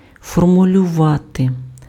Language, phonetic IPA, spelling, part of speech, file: Ukrainian, [fɔrmʊlʲʊˈʋate], формулювати, verb, Uk-формулювати.ogg
- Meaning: to formulate